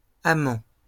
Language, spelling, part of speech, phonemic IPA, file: French, amants, noun, /a.mɑ̃/, LL-Q150 (fra)-amants.wav
- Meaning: plural of amant